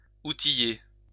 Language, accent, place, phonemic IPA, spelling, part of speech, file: French, France, Lyon, /u.ti.je/, outiller, verb, LL-Q150 (fra)-outiller.wav
- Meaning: to equip; to tool up